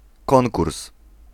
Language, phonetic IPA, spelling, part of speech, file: Polish, [ˈkɔ̃ŋkurs], konkurs, noun, Pl-konkurs.ogg